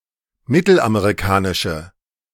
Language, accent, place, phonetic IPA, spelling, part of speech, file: German, Germany, Berlin, [ˈmɪtl̩ʔameʁiˌkaːnɪʃə], mittelamerikanische, adjective, De-mittelamerikanische.ogg
- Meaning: inflection of mittelamerikanisch: 1. strong/mixed nominative/accusative feminine singular 2. strong nominative/accusative plural 3. weak nominative all-gender singular